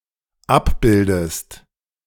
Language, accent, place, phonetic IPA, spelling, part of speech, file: German, Germany, Berlin, [ˈapˌbɪldəst], abbildest, verb, De-abbildest.ogg
- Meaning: inflection of abbilden: 1. second-person singular dependent present 2. second-person singular dependent subjunctive I